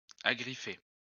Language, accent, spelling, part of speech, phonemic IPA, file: French, France, agriffer, verb, /a.ɡʁi.fe/, LL-Q150 (fra)-agriffer.wav
- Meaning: 1. to claw 2. to grasp